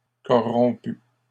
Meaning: masculine plural of corrompu
- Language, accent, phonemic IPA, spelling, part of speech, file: French, Canada, /kɔ.ʁɔ̃.py/, corrompus, adjective, LL-Q150 (fra)-corrompus.wav